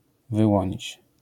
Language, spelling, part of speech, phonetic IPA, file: Polish, wyłonić, verb, [vɨˈwɔ̃ɲit͡ɕ], LL-Q809 (pol)-wyłonić.wav